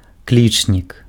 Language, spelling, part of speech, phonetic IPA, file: Belarusian, клічнік, noun, [ˈklʲit͡ʂnʲik], Be-клічнік.ogg
- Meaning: exclamation mark